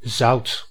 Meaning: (noun) salt; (adjective) 1. salted 2. salty (taste); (verb) inflection of zouten: 1. first/second/third-person singular present indicative 2. imperative
- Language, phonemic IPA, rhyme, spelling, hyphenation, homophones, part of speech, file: Dutch, /zɑu̯t/, -ɑu̯t, zout, zout, zoudt, noun / adjective / verb, Nl-zout.ogg